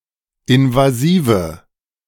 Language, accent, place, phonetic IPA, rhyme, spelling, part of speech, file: German, Germany, Berlin, [ɪnvaˈziːvə], -iːvə, invasive, adjective, De-invasive.ogg
- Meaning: inflection of invasiv: 1. strong/mixed nominative/accusative feminine singular 2. strong nominative/accusative plural 3. weak nominative all-gender singular 4. weak accusative feminine/neuter singular